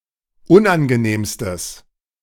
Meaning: strong/mixed nominative/accusative neuter singular superlative degree of unangenehm
- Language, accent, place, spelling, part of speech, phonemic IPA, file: German, Germany, Berlin, unangenehmstes, adjective, /ˈʊnʔanɡəˌneːmstəs/, De-unangenehmstes.ogg